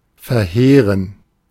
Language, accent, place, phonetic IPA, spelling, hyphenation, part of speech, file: German, Germany, Berlin, [fɛɐ̯ˈheːʁən], verheeren, verheeren, verb, De-verheeren.ogg
- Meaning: to devastate